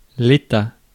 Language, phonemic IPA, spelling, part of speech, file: French, /e.ta/, état, noun, Fr-état.ogg
- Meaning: 1. state, condition 2. alternative letter-case form of État